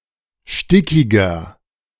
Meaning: 1. comparative degree of stickig 2. inflection of stickig: strong/mixed nominative masculine singular 3. inflection of stickig: strong genitive/dative feminine singular
- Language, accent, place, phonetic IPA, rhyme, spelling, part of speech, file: German, Germany, Berlin, [ˈʃtɪkɪɡɐ], -ɪkɪɡɐ, stickiger, adjective, De-stickiger.ogg